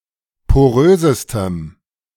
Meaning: strong dative masculine/neuter singular superlative degree of porös
- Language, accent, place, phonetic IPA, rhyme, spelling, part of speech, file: German, Germany, Berlin, [poˈʁøːzəstəm], -øːzəstəm, porösestem, adjective, De-porösestem.ogg